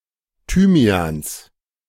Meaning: genitive singular of Thymian
- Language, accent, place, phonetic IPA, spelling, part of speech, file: German, Germany, Berlin, [ˈtyːmi̯aːns], Thymians, noun, De-Thymians.ogg